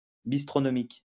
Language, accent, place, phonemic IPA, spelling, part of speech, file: French, France, Lyon, /bis.tʁɔ.nɔ.mik/, bistronomique, adjective, LL-Q150 (fra)-bistronomique.wav
- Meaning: bistronomic